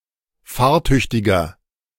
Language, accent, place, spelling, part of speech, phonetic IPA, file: German, Germany, Berlin, fahrtüchtiger, adjective, [ˈfaːɐ̯ˌtʏçtɪɡɐ], De-fahrtüchtiger.ogg
- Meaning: inflection of fahrtüchtig: 1. strong/mixed nominative masculine singular 2. strong genitive/dative feminine singular 3. strong genitive plural